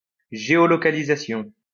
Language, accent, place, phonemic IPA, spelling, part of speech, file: French, France, Lyon, /ʒe.ɔ.lɔ.ka.li.za.sjɔ̃/, géolocalisation, noun, LL-Q150 (fra)-géolocalisation.wav
- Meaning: geolocalization